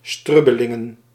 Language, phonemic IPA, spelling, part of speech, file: Dutch, /ˈstrʏbəlɪŋə(n)/, strubbelingen, noun, Nl-strubbelingen.ogg
- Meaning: plural of strubbeling